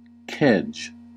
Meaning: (noun) 1. A small anchor used for warping a vessel 2. A glutton; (verb) To warp (a vessel) by carrying out a kedge in a boat, dropping it overboard, and hauling the vessel up to it
- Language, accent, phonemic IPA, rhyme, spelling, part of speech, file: English, US, /kɛd͡ʒ/, -ɛdʒ, kedge, noun / verb, En-us-kedge.ogg